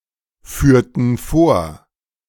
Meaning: inflection of vorführen: 1. first/third-person plural preterite 2. first/third-person plural subjunctive II
- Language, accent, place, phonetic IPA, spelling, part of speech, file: German, Germany, Berlin, [ˌfyːɐ̯tn̩ ˈfoːɐ̯], führten vor, verb, De-führten vor.ogg